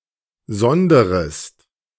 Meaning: second-person singular present of sondern
- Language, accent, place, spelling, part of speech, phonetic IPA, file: German, Germany, Berlin, sonderst, verb, [ˈzɔndɐst], De-sonderst.ogg